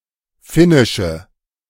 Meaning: inflection of finnisch: 1. strong/mixed nominative/accusative feminine singular 2. strong nominative/accusative plural 3. weak nominative all-gender singular
- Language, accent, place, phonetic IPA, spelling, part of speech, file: German, Germany, Berlin, [ˈfɪnɪʃə], finnische, adjective, De-finnische.ogg